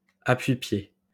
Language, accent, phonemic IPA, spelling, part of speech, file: French, France, /a.pɥi.pje/, appui-pied, noun, LL-Q150 (fra)-appui-pied.wav
- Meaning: footstool